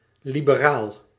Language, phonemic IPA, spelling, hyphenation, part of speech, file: Dutch, /libəˈraːl/, liberaal, li‧be‧raal, adjective / noun, Nl-liberaal.ogg
- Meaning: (adjective) liberal